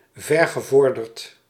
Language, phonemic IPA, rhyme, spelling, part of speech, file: Dutch, /ˌvɛr.ɣəˈvɔr.dərt/, -ɔrdərt, vergevorderd, adjective, Nl-vergevorderd.ogg
- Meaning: advanced, late